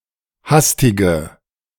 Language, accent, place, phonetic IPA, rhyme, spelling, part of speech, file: German, Germany, Berlin, [ˈhastɪɡə], -astɪɡə, hastige, adjective, De-hastige.ogg
- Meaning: inflection of hastig: 1. strong/mixed nominative/accusative feminine singular 2. strong nominative/accusative plural 3. weak nominative all-gender singular 4. weak accusative feminine/neuter singular